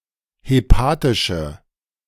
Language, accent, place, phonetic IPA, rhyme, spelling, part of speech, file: German, Germany, Berlin, [heˈpaːtɪʃə], -aːtɪʃə, hepatische, adjective, De-hepatische.ogg
- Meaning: inflection of hepatisch: 1. strong/mixed nominative/accusative feminine singular 2. strong nominative/accusative plural 3. weak nominative all-gender singular